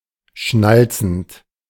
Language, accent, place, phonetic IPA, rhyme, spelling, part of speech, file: German, Germany, Berlin, [ˈʃnalt͡sn̩t], -alt͡sn̩t, schnalzend, verb, De-schnalzend.ogg
- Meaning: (verb) present participle of schnalzen; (adjective) clicking, snapping